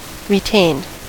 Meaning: simple past and past participle of retain
- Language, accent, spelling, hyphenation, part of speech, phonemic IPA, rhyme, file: English, US, retained, re‧tained, verb, /ɹɪˈteɪnd/, -eɪnd, En-us-retained.ogg